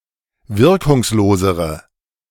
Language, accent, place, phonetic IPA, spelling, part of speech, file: German, Germany, Berlin, [ˈvɪʁkʊŋsˌloːzəʁə], wirkungslosere, adjective, De-wirkungslosere.ogg
- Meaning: inflection of wirkungslos: 1. strong/mixed nominative/accusative feminine singular comparative degree 2. strong nominative/accusative plural comparative degree